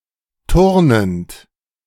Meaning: present participle of turnen
- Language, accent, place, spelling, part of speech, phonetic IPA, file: German, Germany, Berlin, turnend, verb, [ˈtʊʁnənt], De-turnend.ogg